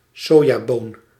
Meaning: soybean
- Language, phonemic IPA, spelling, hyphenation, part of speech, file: Dutch, /ˈsoː.jaːˌboːn/, sojaboon, so‧ja‧boon, noun, Nl-sojaboon.ogg